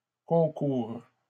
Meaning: third-person plural present indicative/subjunctive of concourir
- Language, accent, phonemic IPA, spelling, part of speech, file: French, Canada, /kɔ̃.kuʁ/, concourent, verb, LL-Q150 (fra)-concourent.wav